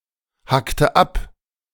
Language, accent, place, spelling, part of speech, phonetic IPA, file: German, Germany, Berlin, hackte ab, verb, [ˌhaktə ˈap], De-hackte ab.ogg
- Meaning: inflection of abhacken: 1. first/third-person singular preterite 2. first/third-person singular subjunctive II